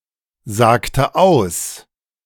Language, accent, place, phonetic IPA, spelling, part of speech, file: German, Germany, Berlin, [ˌzaːktə ˈaʊ̯s], sagte aus, verb, De-sagte aus.ogg
- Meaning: inflection of aussagen: 1. first/third-person singular preterite 2. first/third-person singular subjunctive II